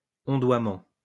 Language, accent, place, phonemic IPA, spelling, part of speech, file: French, France, Lyon, /ɔ̃.dwa.mɑ̃/, ondoiement, noun, LL-Q150 (fra)-ondoiement.wav
- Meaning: undulation